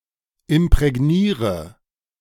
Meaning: inflection of imprägnieren: 1. first-person singular present 2. singular imperative 3. first/third-person singular subjunctive I
- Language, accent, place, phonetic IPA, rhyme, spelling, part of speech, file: German, Germany, Berlin, [ɪmpʁɛˈɡniːʁə], -iːʁə, imprägniere, verb, De-imprägniere.ogg